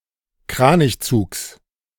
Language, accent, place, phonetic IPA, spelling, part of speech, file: German, Germany, Berlin, [ˈkʁaːnɪçˌt͡suːks], Kranichzugs, noun, De-Kranichzugs.ogg
- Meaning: genitive singular of Kranichzug